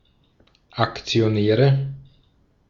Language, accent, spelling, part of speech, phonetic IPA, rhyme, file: German, Austria, Aktionäre, noun, [akt͡sioˈnɛːʁə], -ɛːʁə, De-at-Aktionäre.ogg
- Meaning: nominative/accusative/genitive plural of Aktionär